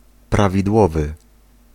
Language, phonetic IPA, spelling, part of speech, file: Polish, [ˌpravʲidˈwɔvɨ], prawidłowy, adjective, Pl-prawidłowy.ogg